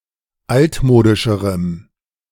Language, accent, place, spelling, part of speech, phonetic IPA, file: German, Germany, Berlin, altmodischerem, adjective, [ˈaltˌmoːdɪʃəʁəm], De-altmodischerem.ogg
- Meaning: strong dative masculine/neuter singular comparative degree of altmodisch